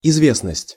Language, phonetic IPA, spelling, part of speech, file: Russian, [ɪzˈvʲesnəsʲtʲ], известность, noun, Ru-известность.ogg
- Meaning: 1. reputation, fame, repute, notoriety, renown 2. publicity 3. celebrity, prominent figure, notability